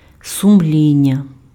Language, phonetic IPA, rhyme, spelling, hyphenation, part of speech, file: Ukrainian, [sʊmˈlʲinʲːɐ], -inʲːɐ, сумління, су‧м‧лі‧н‧ня, noun, Uk-сумління.ogg
- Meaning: conscience